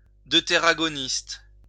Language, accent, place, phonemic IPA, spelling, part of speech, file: French, France, Lyon, /dø.te.ʁa.ɡɔ.nist/, deutéragoniste, noun, LL-Q150 (fra)-deutéragoniste.wav
- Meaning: deuteragonist